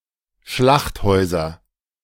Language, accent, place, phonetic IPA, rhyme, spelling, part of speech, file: German, Germany, Berlin, [ˈʃlaxtˌhɔɪ̯zɐ], -axthɔɪ̯zɐ, Schlachthäuser, noun, De-Schlachthäuser.ogg
- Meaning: nominative/accusative/genitive plural of Schlachthaus